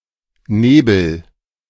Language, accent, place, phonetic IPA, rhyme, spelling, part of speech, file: German, Germany, Berlin, [ˈneːbl̩], -eːbl̩, nebel, verb, De-nebel.ogg
- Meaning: inflection of nebeln: 1. first-person singular present 2. singular imperative